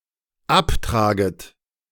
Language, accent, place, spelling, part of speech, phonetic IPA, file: German, Germany, Berlin, abtraget, verb, [ˈapˌtʁaːɡət], De-abtraget.ogg
- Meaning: second-person plural dependent subjunctive I of abtragen